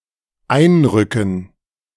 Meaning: 1. to enter, go into 2. to enter, go into: to march in, invade, enter a territory 3. to enter, go into: to report for duty (at some facility) 4. to indent
- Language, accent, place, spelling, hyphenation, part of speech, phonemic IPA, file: German, Germany, Berlin, einrücken, ein‧rü‧cken, verb, /ˈaɪ̯nˌʁʏkən/, De-einrücken.ogg